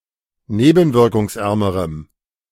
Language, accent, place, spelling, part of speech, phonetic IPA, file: German, Germany, Berlin, nebenwirkungsärmerem, adjective, [ˈneːbn̩vɪʁkʊŋsˌʔɛʁməʁəm], De-nebenwirkungsärmerem.ogg
- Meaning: strong dative masculine/neuter singular comparative degree of nebenwirkungsarm